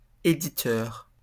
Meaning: editor; publisher
- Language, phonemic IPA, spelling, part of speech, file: French, /e.di.tœʁ/, éditeur, noun, LL-Q150 (fra)-éditeur.wav